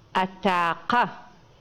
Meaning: 1. rooster, cock 2. gay person; a homosexual
- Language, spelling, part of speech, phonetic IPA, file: Adyghe, атакъэ, noun, [ʔataːqa], Ady-атакъэ.oga